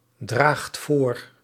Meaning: inflection of voordragen: 1. second/third-person singular present indicative 2. plural imperative
- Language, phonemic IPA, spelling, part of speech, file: Dutch, /ˈdraxt ˈvor/, draagt voor, verb, Nl-draagt voor.ogg